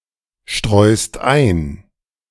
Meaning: second-person singular present of einstreuen
- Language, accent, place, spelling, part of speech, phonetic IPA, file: German, Germany, Berlin, streust ein, verb, [ˌʃtʁɔɪ̯st ˈaɪ̯n], De-streust ein.ogg